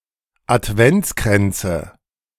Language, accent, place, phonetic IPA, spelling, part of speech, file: German, Germany, Berlin, [atˈvɛnt͡skʁɛnt͡sə], Adventskränze, noun, De-Adventskränze.ogg
- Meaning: nominative/accusative/genitive plural of Adventskranz